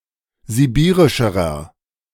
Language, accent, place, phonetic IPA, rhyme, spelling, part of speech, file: German, Germany, Berlin, [ziˈbiːʁɪʃəʁɐ], -iːʁɪʃəʁɐ, sibirischerer, adjective, De-sibirischerer.ogg
- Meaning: inflection of sibirisch: 1. strong/mixed nominative masculine singular comparative degree 2. strong genitive/dative feminine singular comparative degree 3. strong genitive plural comparative degree